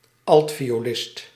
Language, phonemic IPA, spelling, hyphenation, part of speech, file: Dutch, /ˈɑlt.fi.oːˌlɪst/, altviolist, alt‧vi‧o‧list, noun, Nl-altviolist.ogg
- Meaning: violist